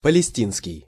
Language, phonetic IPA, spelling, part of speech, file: Russian, [pəlʲɪˈsʲtʲinskʲɪj], палестинский, adjective, Ru-палестинский.ogg
- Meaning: Palestinian